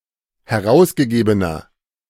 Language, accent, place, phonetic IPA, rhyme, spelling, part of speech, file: German, Germany, Berlin, [hɛˈʁaʊ̯sɡəˌɡeːbənɐ], -aʊ̯sɡəɡeːbənɐ, herausgegebener, adjective, De-herausgegebener.ogg
- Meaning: inflection of herausgegeben: 1. strong/mixed nominative masculine singular 2. strong genitive/dative feminine singular 3. strong genitive plural